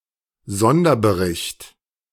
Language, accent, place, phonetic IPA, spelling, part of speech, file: German, Germany, Berlin, [ˈzɔndɐbəˌʁɪçt], Sonderbericht, noun, De-Sonderbericht.ogg
- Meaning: special report